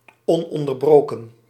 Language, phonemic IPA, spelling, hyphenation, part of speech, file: Dutch, /ˌɔn.ɔn.dərˈbroː.kə(n)/, ononderbroken, on‧on‧der‧bro‧ken, adjective, Nl-ononderbroken.ogg
- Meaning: uninterrupted